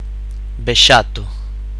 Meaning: buzzard, common buzzard (Buteo buteo)
- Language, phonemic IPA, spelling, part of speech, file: Galician, /beˈʃato̝/, bexato, noun, Gl-bexato.ogg